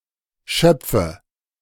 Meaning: nominative/accusative/genitive plural of Schopf
- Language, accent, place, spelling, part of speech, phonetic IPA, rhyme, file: German, Germany, Berlin, Schöpfe, noun, [ˈʃœp͡fə], -œp͡fə, De-Schöpfe.ogg